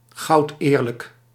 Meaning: very honest, fully honest
- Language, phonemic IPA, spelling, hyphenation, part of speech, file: Dutch, /ˌɣɑu̯tˈeːr.lək/, goudeerlijk, goud‧eer‧lijk, adjective, Nl-goudeerlijk.ogg